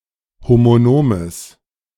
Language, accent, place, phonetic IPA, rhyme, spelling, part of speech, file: German, Germany, Berlin, [ˌhomoˈnoːməs], -oːməs, homonomes, adjective, De-homonomes.ogg
- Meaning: strong/mixed nominative/accusative neuter singular of homonom